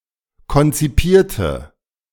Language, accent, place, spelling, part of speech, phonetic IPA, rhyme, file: German, Germany, Berlin, konzipierte, adjective / verb, [kɔnt͡siˈpiːɐ̯tə], -iːɐ̯tə, De-konzipierte.ogg
- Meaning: inflection of konzipieren: 1. first/third-person singular preterite 2. first/third-person singular subjunctive II